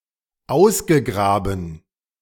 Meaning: past participle of ausgraben
- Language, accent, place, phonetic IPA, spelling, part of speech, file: German, Germany, Berlin, [ˈaʊ̯sɡəˌɡʁaːbn̩], ausgegraben, verb, De-ausgegraben.ogg